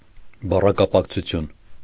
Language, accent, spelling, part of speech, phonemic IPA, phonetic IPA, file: Armenian, Eastern Armenian, բառակապակցություն, noun, /bɑrɑkɑpɑkt͡sʰuˈtʰjun/, [bɑrɑkɑpɑkt͡sʰut͡sʰjún], Hy-բառակապակցություն.ogg
- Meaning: collocation, word combination, phrase